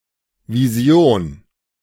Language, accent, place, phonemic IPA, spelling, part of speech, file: German, Germany, Berlin, /viˈzi̯oːn/, Vision, noun, De-Vision.ogg
- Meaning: vision